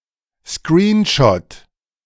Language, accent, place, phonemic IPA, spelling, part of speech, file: German, Germany, Berlin, /ˈskʁiːnʃɔt/, Screenshot, noun, De-Screenshot.ogg
- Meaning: screenshot